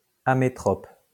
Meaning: ametropic
- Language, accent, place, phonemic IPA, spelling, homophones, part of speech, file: French, France, Lyon, /a.me.tʁɔp/, amétrope, amétropes, adjective, LL-Q150 (fra)-amétrope.wav